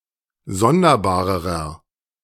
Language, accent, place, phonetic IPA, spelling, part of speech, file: German, Germany, Berlin, [ˈzɔndɐˌbaːʁəʁɐ], sonderbarerer, adjective, De-sonderbarerer.ogg
- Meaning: inflection of sonderbar: 1. strong/mixed nominative masculine singular comparative degree 2. strong genitive/dative feminine singular comparative degree 3. strong genitive plural comparative degree